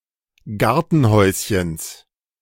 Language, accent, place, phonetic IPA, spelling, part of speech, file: German, Germany, Berlin, [ˈɡaʁtn̩ˌhɔɪ̯sçəns], Gartenhäuschens, noun, De-Gartenhäuschens.ogg
- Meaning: genitive of Gartenhäuschen